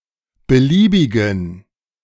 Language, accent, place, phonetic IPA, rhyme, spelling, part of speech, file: German, Germany, Berlin, [bəˈliːbɪɡn̩], -iːbɪɡn̩, beliebigen, adjective, De-beliebigen.ogg
- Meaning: inflection of beliebig: 1. strong genitive masculine/neuter singular 2. weak/mixed genitive/dative all-gender singular 3. strong/weak/mixed accusative masculine singular 4. strong dative plural